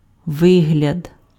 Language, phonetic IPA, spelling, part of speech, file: Ukrainian, [ˈʋɪɦlʲɐd], вигляд, noun, Uk-вигляд.ogg
- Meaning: appearance, look, aspect